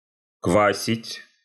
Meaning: 1. to make sour 2. to booze 3. to beat, to thrash
- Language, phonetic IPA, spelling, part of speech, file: Russian, [ˈkvasʲɪtʲ], квасить, verb, Ru-квасить.ogg